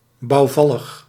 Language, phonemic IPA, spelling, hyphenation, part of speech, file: Dutch, /ˌbɑu̯ˈvɑ.ləx/, bouwvallig, bouw‧val‧lig, adjective, Nl-bouwvallig.ogg
- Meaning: dilapidated, ramshackle